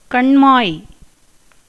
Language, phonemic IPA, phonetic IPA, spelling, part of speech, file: Tamil, /kɐɳmɑːj/, [kɐɳmäːj], கண்மாய், noun, Ta-கண்மாய்.ogg
- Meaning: lake, irrigation tank